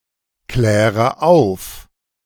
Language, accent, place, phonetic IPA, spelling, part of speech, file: German, Germany, Berlin, [ˌklɛːʁə ˈaʊ̯f], kläre auf, verb, De-kläre auf.ogg
- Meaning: inflection of aufklären: 1. first-person singular present 2. first/third-person singular subjunctive I 3. singular imperative